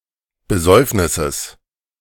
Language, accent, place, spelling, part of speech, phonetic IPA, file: German, Germany, Berlin, Besäufnisses, noun, [bəˈzɔɪ̯fnɪsəs], De-Besäufnisses.ogg
- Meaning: genitive singular of Besäufnis